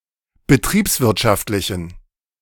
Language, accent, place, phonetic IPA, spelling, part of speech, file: German, Germany, Berlin, [bəˈtʁiːpsˌvɪʁtʃaftlɪçn̩], betriebswirtschaftlichen, adjective, De-betriebswirtschaftlichen.ogg
- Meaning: inflection of betriebswirtschaftlich: 1. strong genitive masculine/neuter singular 2. weak/mixed genitive/dative all-gender singular 3. strong/weak/mixed accusative masculine singular